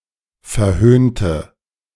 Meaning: inflection of verhöhnen: 1. first/third-person singular preterite 2. first/third-person singular subjunctive II
- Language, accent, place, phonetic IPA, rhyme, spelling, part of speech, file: German, Germany, Berlin, [fɛɐ̯ˈhøːntə], -øːntə, verhöhnte, adjective / verb, De-verhöhnte.ogg